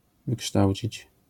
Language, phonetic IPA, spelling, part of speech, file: Polish, [vɨˈkʃtawʲt͡ɕit͡ɕ], wykształcić, verb, LL-Q809 (pol)-wykształcić.wav